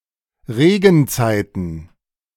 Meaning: plural of Regenzeit
- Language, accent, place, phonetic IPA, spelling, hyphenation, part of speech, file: German, Germany, Berlin, [ˈʁeːɡn̩ˌt͡saɪ̯tn̩], Regenzeiten, Re‧gen‧zei‧ten, noun, De-Regenzeiten.ogg